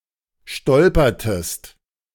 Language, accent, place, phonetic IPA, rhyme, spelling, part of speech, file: German, Germany, Berlin, [ˈʃtɔlpɐtəst], -ɔlpɐtəst, stolpertest, verb, De-stolpertest.ogg
- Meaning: inflection of stolpern: 1. second-person singular preterite 2. second-person singular subjunctive II